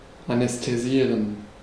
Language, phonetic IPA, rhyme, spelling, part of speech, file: German, [anɛsteˈziːʁən], -iːʁən, anästhesieren, verb, De-anästhesieren.ogg
- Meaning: to anesthetize